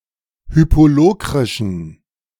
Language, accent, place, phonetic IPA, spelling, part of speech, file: German, Germany, Berlin, [ˈhyːpoˌloːkʁɪʃn̩], hypolokrischen, adjective, De-hypolokrischen.ogg
- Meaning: inflection of hypolokrisch: 1. strong genitive masculine/neuter singular 2. weak/mixed genitive/dative all-gender singular 3. strong/weak/mixed accusative masculine singular 4. strong dative plural